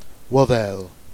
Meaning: ear
- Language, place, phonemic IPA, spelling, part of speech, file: Jèrriais, Jersey, /wɔðɛl/, ouothelle, noun, Jer-Ouothelle.ogg